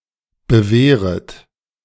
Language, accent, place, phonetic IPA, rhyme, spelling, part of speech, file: German, Germany, Berlin, [bəˈveːʁət], -eːʁət, bewehret, verb, De-bewehret.ogg
- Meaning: second-person plural subjunctive I of bewehren